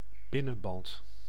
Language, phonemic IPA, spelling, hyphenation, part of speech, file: Dutch, /ˈbɪ.nə(n)ˌbɑnt/, binnenband, bin‧nen‧band, noun, Nl-binnenband.ogg
- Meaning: inner tube, inner tyre